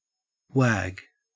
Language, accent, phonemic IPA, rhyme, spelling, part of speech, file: English, Australia, /wæːɡ/, -æɡ, wag, verb / noun, En-au-wag.ogg
- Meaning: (verb) 1. To swing from side to side, as an animal's tail, or someone's head to express disagreement or disbelief 2. To play truant from school 3. To go; to proceed; to move; to progress